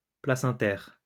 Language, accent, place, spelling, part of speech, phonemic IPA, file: French, France, Lyon, placentaire, adjective / noun, /pla.sɑ̃.tɛʁ/, LL-Q150 (fra)-placentaire.wav
- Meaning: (adjective) placental